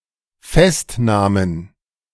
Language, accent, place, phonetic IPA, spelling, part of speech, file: German, Germany, Berlin, [ˈfɛstˌnaːmən], Festnahmen, noun, De-Festnahmen.ogg
- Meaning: plural of Festnahme